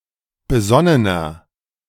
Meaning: 1. comparative degree of besonnen 2. inflection of besonnen: strong/mixed nominative masculine singular 3. inflection of besonnen: strong genitive/dative feminine singular
- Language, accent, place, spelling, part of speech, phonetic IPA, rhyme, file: German, Germany, Berlin, besonnener, adjective, [bəˈzɔnənɐ], -ɔnənɐ, De-besonnener.ogg